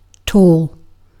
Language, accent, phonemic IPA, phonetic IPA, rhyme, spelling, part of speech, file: English, Received Pronunciation, /tɔːl/, [tʰoːɫ], -ɔːl, tall, adjective / noun, En-uk-tall.ogg